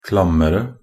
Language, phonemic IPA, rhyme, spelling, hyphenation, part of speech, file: Norwegian Bokmål, /klamːərə/, -ərə, klammere, klam‧me‧re, adjective, Nb-klammere.ogg
- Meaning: comparative degree of klam